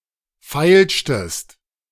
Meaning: inflection of feilschen: 1. second-person singular preterite 2. second-person singular subjunctive II
- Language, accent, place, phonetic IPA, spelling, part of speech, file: German, Germany, Berlin, [ˈfaɪ̯lʃtəst], feilschtest, verb, De-feilschtest.ogg